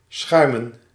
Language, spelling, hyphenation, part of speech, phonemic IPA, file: Dutch, schuimen, schui‧men, verb, /ˈsxœy̯.mə(n)/, Nl-schuimen.ogg
- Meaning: 1. to foam, to produce foam 2. to remove foam 3. to remove impurities from something 4. to plunder, to rob 5. to rummage, to scour 6. to wander, to roam